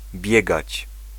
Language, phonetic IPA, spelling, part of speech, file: Polish, [ˈbʲjɛɡat͡ɕ], biegać, verb, Pl-biegać.ogg